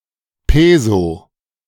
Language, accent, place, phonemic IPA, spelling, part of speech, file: German, Germany, Berlin, /ˈpeːzo/, Peso, noun, De-Peso.ogg
- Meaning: peso (currency)